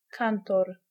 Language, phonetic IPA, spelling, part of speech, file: Polish, [ˈkãntɔr], kantor, noun, Pl-kantor.ogg